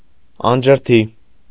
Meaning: arid, waterless; not irrigated
- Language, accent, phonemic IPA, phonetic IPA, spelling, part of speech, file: Armenian, Eastern Armenian, /ɑnd͡ʒəɾˈtʰi/, [ɑnd͡ʒəɾtʰí], անջրդի, adjective, Hy-անջրդի.ogg